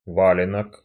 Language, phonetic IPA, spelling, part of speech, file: Russian, [ˈvalʲɪnək], валенок, noun, Ru-валенок.ogg
- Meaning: 1. one of a pair of traditional Russian felt boots, sg valenok, pl valenki 2. clumsy or stupid person 3. sediment of dust on the fan 4. old age pension, sixty-six in the lotto game